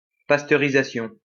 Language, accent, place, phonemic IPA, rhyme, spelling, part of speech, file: French, France, Lyon, /pas.tœ.ʁi.za.sjɔ̃/, -ɔ̃, pasteurisation, noun, LL-Q150 (fra)-pasteurisation.wav
- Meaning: pasteurisation